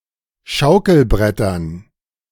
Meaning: dative plural of Schaukelbrett
- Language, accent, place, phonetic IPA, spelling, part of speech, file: German, Germany, Berlin, [ˈʃaʊ̯kl̩ˌbʁɛtɐn], Schaukelbrettern, noun, De-Schaukelbrettern.ogg